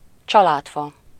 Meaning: (a diagrammatic representation of a pedigree, illustrating the connections between a person's ancestors, offspring and other relatives)
- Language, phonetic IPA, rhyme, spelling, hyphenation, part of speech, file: Hungarian, [ˈt͡ʃɒlaːtfɒ], -fɒ, családfa, csa‧lád‧fa, noun, Hu-családfa.ogg